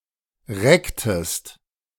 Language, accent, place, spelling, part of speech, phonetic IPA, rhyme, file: German, Germany, Berlin, recktest, verb, [ˈʁɛktəst], -ɛktəst, De-recktest.ogg
- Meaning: inflection of recken: 1. second-person singular preterite 2. second-person singular subjunctive II